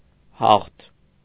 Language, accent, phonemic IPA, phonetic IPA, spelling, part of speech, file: Armenian, Eastern Armenian, /hɑχtʰ/, [hɑχtʰ], հաղթ, adjective / noun, Hy-հաղթ.ogg
- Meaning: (adjective) 1. strong; powerful, mighty 2. victorious; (noun) victory